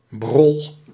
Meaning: rubbish, crap, things of inferior quality or little value
- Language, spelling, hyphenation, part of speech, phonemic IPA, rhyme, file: Dutch, brol, brol, noun, /brɔl/, -ɔl, Nl-brol.ogg